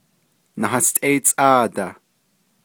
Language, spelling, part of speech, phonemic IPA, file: Navajo, náhástʼéítsʼáadah, numeral, /nɑ́hɑ́stʼɛ́ɪ́t͡sʼɑ̂ːtɑ̀h/, Nv-náhástʼéítsʼáadah.ogg
- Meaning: nineteen